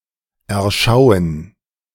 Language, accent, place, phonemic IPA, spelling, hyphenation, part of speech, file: German, Germany, Berlin, /ɛɐ̯ˈʃaʊ̯ən/, erschauen, er‧schau‧en, verb, De-erschauen.ogg
- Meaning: to sight